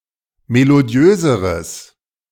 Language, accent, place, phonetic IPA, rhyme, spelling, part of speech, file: German, Germany, Berlin, [meloˈdi̯øːzəʁəs], -øːzəʁəs, melodiöseres, adjective, De-melodiöseres.ogg
- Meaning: strong/mixed nominative/accusative neuter singular comparative degree of melodiös